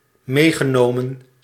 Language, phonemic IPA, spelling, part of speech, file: Dutch, /ˈmeːɣənoːmə(n)/, meegenomen, verb, Nl-meegenomen.ogg
- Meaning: past participle of meenemen